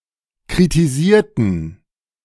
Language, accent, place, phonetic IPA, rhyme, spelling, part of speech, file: German, Germany, Berlin, [kʁitiˈziːɐ̯tn̩], -iːɐ̯tn̩, kritisierten, adjective / verb, De-kritisierten.ogg
- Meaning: inflection of kritisieren: 1. first/third-person plural preterite 2. first/third-person plural subjunctive II